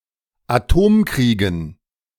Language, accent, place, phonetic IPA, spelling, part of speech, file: German, Germany, Berlin, [aˈtoːmˌkʁiːɡn̩], Atomkriegen, noun, De-Atomkriegen.ogg
- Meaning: dative plural of Atomkrieg